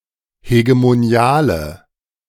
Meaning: inflection of hegemonial: 1. strong/mixed nominative/accusative feminine singular 2. strong nominative/accusative plural 3. weak nominative all-gender singular
- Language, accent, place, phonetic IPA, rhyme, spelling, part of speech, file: German, Germany, Berlin, [heɡemoˈni̯aːlə], -aːlə, hegemoniale, adjective, De-hegemoniale.ogg